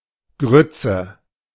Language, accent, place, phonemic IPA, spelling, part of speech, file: German, Germany, Berlin, /ˈɡrʏt͡sə/, Grütze, noun, De-Grütze.ogg
- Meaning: 1. a food of coarsely ground cereal grains: groat(s) 2. coarse "grains" or bits of fruit, or a dish made from these 3. brains, shrewdness, prudence 4. intellectual poverty, brainlet, retardation